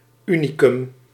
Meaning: unicum
- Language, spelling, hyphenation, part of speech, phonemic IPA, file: Dutch, unicum, uni‧cum, noun, /ˈy.ni.kʏm/, Nl-unicum.ogg